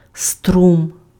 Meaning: 1. current 2. stream
- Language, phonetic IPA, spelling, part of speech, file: Ukrainian, [strum], струм, noun, Uk-струм.ogg